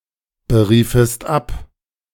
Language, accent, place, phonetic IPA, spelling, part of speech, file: German, Germany, Berlin, [bəˌʁiːfəst ˈap], beriefest ab, verb, De-beriefest ab.ogg
- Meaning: second-person singular subjunctive II of abberufen